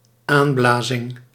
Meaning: inspiration
- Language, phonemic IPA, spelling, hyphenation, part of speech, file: Dutch, /ˈaːnˌblaː.zɪŋ/, aanblazing, aan‧bla‧zing, noun, Nl-aanblazing.ogg